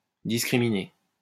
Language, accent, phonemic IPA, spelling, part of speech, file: French, France, /dis.kʁi.mi.ne/, discriminer, verb, LL-Q150 (fra)-discriminer.wav
- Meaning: 1. to discriminate (to differentiate) 2. to discriminate (to treat people based on prejudice)